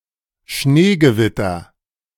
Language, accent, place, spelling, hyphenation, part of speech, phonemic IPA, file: German, Germany, Berlin, Schneegewitter, Schnee‧ge‧wit‧ter, noun, /ˈʃneːɡəˌvɪtɐ/, De-Schneegewitter.ogg
- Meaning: thundersnow